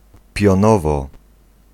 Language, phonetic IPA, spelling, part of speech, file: Polish, [pʲjɔ̃ˈnɔvɔ], pionowo, adverb, Pl-pionowo.ogg